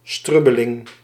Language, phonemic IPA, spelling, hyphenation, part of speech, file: Dutch, /ˈstrʏbəlɪŋ/, strubbeling, strub‧be‧ling, noun, Nl-strubbeling.ogg
- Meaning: disagreement, small argument